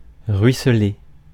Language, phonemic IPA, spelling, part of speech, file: French, /ʁɥi.sle/, ruisseler, verb, Fr-ruisseler.ogg
- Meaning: to stream, drip, pour